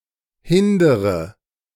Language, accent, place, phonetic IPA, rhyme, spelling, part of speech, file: German, Germany, Berlin, [ˈhɪndəʁə], -ɪndəʁə, hindere, verb, De-hindere.ogg
- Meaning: inflection of hindern: 1. first-person singular present 2. first/third-person singular subjunctive I 3. singular imperative